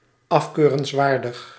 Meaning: blameworthy
- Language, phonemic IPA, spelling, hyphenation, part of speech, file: Dutch, /ˌɑfkøːrənsˈʋaːrdəx/, afkeurenswaardig, af‧keu‧rens‧waar‧dig, adjective, Nl-afkeurenswaardig.ogg